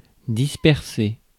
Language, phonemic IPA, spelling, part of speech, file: French, /dis.pɛʁ.se/, disperser, verb, Fr-disperser.ogg
- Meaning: to scatter; to disperse